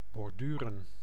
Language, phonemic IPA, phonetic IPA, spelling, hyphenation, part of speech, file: Dutch, /bɔrˈdyrə(n)/, [bɔrˈdyːrə(n)], borduren, bor‧du‧ren, verb, Nl-borduren.ogg
- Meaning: 1. to embroider 2. to elaborate, to detail further